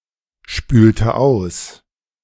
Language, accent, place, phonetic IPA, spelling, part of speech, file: German, Germany, Berlin, [ˌʃpyːltə ˈaʊ̯s], spülte aus, verb, De-spülte aus.ogg
- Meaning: inflection of ausspülen: 1. first/third-person singular preterite 2. first/third-person singular subjunctive II